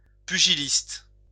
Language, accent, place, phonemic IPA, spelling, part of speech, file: French, France, Lyon, /py.ʒi.list/, pugiliste, noun, LL-Q150 (fra)-pugiliste.wav
- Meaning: 1. pugilist 2. boxer